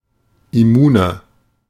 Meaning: 1. comparative degree of immun 2. inflection of immun: strong/mixed nominative masculine singular 3. inflection of immun: strong genitive/dative feminine singular
- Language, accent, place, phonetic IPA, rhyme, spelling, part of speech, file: German, Germany, Berlin, [ɪˈmuːnɐ], -uːnɐ, immuner, adjective, De-immuner.ogg